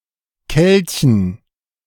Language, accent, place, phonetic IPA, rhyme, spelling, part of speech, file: German, Germany, Berlin, [ˈkɛlçn̩], -ɛlçn̩, Kelchen, noun, De-Kelchen.ogg
- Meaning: dative plural of Kelch